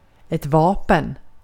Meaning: 1. weapon 2. arms 3. military branch, or part thereof
- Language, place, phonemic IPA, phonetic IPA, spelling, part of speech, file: Swedish, Gotland, /¹vɑːpɛn/, [¹vɒ̜ːpɛ̠n], vapen, noun, Sv-vapen.ogg